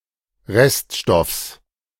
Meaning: genitive singular of Reststoff
- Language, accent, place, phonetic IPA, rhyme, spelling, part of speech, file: German, Germany, Berlin, [ˈʁɛstˌʃtɔfs], -ɛstʃtɔfs, Reststoffs, noun, De-Reststoffs.ogg